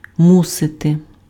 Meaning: must
- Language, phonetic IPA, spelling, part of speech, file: Ukrainian, [ˈmusete], мусити, verb, Uk-мусити.ogg